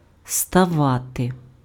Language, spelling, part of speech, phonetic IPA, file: Ukrainian, ставати, verb, [stɐˈʋate], Uk-ставати.ogg
- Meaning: to become